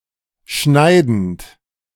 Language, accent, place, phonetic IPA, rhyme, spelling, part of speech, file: German, Germany, Berlin, [ˈʃnaɪ̯dn̩t], -aɪ̯dn̩t, schneidend, verb, De-schneidend.ogg
- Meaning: present participle of schneiden